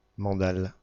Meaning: a punch, a jab, especially one that is quick and hard to dodge
- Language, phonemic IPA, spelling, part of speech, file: French, /mɑ̃.dal/, mandale, noun, Fr-mandale.ogg